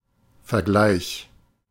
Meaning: 1. comparison 2. settlement (resolution of a dispute)
- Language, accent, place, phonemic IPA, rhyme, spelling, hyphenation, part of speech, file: German, Germany, Berlin, /fɛɐ̯ˈɡlaɪ̯ç/, -aɪ̯ç, Vergleich, Ver‧gleich, noun, De-Vergleich.ogg